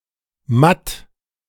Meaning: mate, checkmate
- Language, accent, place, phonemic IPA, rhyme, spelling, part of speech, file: German, Germany, Berlin, /mat/, -at, Matt, noun, De-Matt.ogg